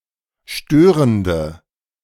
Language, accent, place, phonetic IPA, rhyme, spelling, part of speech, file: German, Germany, Berlin, [ˈʃtøːʁəndə], -øːʁəndə, störende, adjective, De-störende.ogg
- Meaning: inflection of störend: 1. strong/mixed nominative/accusative feminine singular 2. strong nominative/accusative plural 3. weak nominative all-gender singular 4. weak accusative feminine/neuter singular